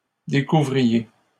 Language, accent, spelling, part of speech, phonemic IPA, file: French, Canada, découvriez, verb, /de.ku.vʁi.je/, LL-Q150 (fra)-découvriez.wav
- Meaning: inflection of découvrir: 1. second-person plural imperfect indicative 2. second-person plural present subjunctive